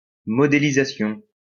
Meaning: modelling
- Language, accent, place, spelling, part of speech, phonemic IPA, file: French, France, Lyon, modélisation, noun, /mɔ.de.li.za.sjɔ̃/, LL-Q150 (fra)-modélisation.wav